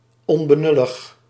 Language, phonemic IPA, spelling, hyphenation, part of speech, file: Dutch, /ˌɔn.bəˈnʏ.ləx/, onbenullig, on‧be‧nul‧lig, adjective, Nl-onbenullig.ogg
- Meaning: 1. unaware, stupid, clueless, lacking awareness 2. trivial, unimportant